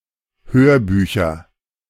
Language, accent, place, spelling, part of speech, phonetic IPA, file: German, Germany, Berlin, Hörbücher, noun, [ˈhøːɐ̯ˌbyːçɐ], De-Hörbücher.ogg
- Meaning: nominative/accusative/genitive plural of Hörbuch